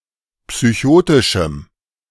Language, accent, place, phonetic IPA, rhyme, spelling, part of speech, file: German, Germany, Berlin, [psyˈçoːtɪʃm̩], -oːtɪʃm̩, psychotischem, adjective, De-psychotischem.ogg
- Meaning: strong dative masculine/neuter singular of psychotisch